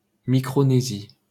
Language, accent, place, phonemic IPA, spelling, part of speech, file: French, France, Paris, /mi.kʁo.ne.zi/, Micronésie, proper noun, LL-Q150 (fra)-Micronésie.wav
- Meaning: Micronesia (a continental region in Oceania in the northwestern Pacific Ocean consisting of around 2,000 small islands)